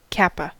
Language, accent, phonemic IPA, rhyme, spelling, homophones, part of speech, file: English, US, /ˈkæpə/, -æpə, kappa, cappa, noun, En-us-kappa.ogg
- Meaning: 1. The tenth letter of the Greek alphabet 2. A measurement of the sensitivity of the value of an option to changes in the implied volatility of the price of the underlying asset